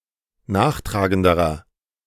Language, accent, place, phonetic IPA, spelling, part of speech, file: German, Germany, Berlin, [ˈnaːxˌtʁaːɡəndəʁɐ], nachtragenderer, adjective, De-nachtragenderer.ogg
- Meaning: inflection of nachtragend: 1. strong/mixed nominative masculine singular comparative degree 2. strong genitive/dative feminine singular comparative degree 3. strong genitive plural comparative degree